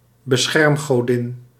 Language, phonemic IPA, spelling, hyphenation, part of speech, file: Dutch, /bəˈsxɛrm.ɣoːˌdɪn/, beschermgodin, be‧scherm‧go‧din, noun, Nl-beschermgodin.ogg
- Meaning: tutelary goddess, guardian goddess